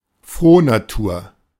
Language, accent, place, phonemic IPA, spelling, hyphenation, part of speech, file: German, Germany, Berlin, /ˈfʁoːnaˌtuːɐ̯/, Frohnatur, Froh‧na‧tur, noun, De-Frohnatur.ogg
- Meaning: person with a cheerful nature